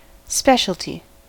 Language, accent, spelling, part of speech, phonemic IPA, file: English, US, specialty, noun, /ˈspɛʃ.əl.ti/, En-us-specialty.ogg
- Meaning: 1. That in which one specializes; a chosen expertise or talent; bailiwick 2. A product that originates in and is characteristic of a place 3. Particularity 4. A particular or peculiar case